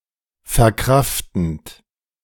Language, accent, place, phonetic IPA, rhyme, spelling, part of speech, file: German, Germany, Berlin, [fɛɐ̯ˈkʁaftn̩t], -aftn̩t, verkraftend, verb, De-verkraftend.ogg
- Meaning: present participle of verkraften